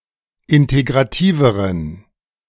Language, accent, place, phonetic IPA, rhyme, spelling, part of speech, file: German, Germany, Berlin, [ˌɪnteɡʁaˈtiːvəʁən], -iːvəʁən, integrativeren, adjective, De-integrativeren.ogg
- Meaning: inflection of integrativ: 1. strong genitive masculine/neuter singular comparative degree 2. weak/mixed genitive/dative all-gender singular comparative degree